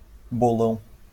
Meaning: 1. augmentative of bolo 2. jackpot (accumulating money prize pool)
- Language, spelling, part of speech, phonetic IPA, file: Portuguese, bolão, noun, [boˈlɐ̃ʊ̯̃], LL-Q5146 (por)-bolão.wav